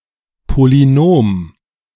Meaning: a polynomial
- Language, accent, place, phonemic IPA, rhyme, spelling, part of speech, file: German, Germany, Berlin, /poliˈnoːm/, -oːm, Polynom, noun, De-Polynom.ogg